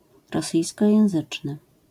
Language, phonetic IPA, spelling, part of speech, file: Polish, [rɔˈsɨjskɔjɛ̃w̃ˈzɨt͡ʃnɨ], rosyjskojęzyczny, adjective, LL-Q809 (pol)-rosyjskojęzyczny.wav